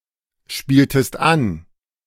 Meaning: inflection of anspielen: 1. second-person singular preterite 2. second-person singular subjunctive II
- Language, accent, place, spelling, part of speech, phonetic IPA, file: German, Germany, Berlin, spieltest an, verb, [ˌʃpiːltəst ˈan], De-spieltest an.ogg